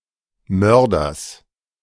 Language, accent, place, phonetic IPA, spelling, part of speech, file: German, Germany, Berlin, [ˈmœʁdɐs], Mörders, noun, De-Mörders.ogg
- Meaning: genitive singular of Mörder